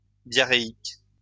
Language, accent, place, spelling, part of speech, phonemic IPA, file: French, France, Lyon, diarrhéique, adjective, /dja.ʁe.ik/, LL-Q150 (fra)-diarrhéique.wav
- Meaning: diarrheal